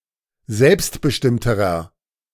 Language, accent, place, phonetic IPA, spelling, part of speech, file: German, Germany, Berlin, [ˈzɛlpstbəˌʃtɪmtəʁɐ], selbstbestimmterer, adjective, De-selbstbestimmterer.ogg
- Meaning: inflection of selbstbestimmt: 1. strong/mixed nominative masculine singular comparative degree 2. strong genitive/dative feminine singular comparative degree